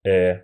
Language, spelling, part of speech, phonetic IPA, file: Russian, э, character / noun, [ɛ], Ru-э.ogg
- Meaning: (character) The thirty-first letter of the Russian alphabet, called э (e) or э оборотное (e oborotnoje) and written in the Cyrillic script; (noun) The name of the Cyrillic script letter Э